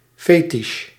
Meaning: 1. fetish, an object with supernatural powers, like a talisman or totem 2. fetish, something subject to paraphilia
- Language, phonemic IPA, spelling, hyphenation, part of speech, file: Dutch, /ˈfeː.tɪʃ/, fetisj, fe‧tisj, noun, Nl-fetisj.ogg